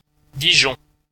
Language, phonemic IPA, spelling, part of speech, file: French, /di.ʒɔ̃/, Dijon, proper noun, Fr-Dijon.ogg
- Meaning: Dijon (the capital city of Côte-d'Or department, France)